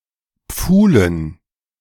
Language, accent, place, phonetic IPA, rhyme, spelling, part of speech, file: German, Germany, Berlin, [ˈp͡fuːlən], -uːlən, Pfuhlen, noun, De-Pfuhlen.ogg
- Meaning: dative plural of Pfuhl